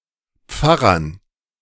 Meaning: dative plural of Pfarrer
- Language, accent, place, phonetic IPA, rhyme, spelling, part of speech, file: German, Germany, Berlin, [ˈp͡faʁɐn], -aʁɐn, Pfarrern, noun, De-Pfarrern.ogg